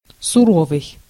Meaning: 1. severe, strict, harsh, stern, austere, rigorous 2. severe, inclement 3. stern, inexorable, severe 4. unbleached, brown (cloth)
- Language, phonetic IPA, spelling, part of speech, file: Russian, [sʊˈrovɨj], суровый, adjective, Ru-суровый.ogg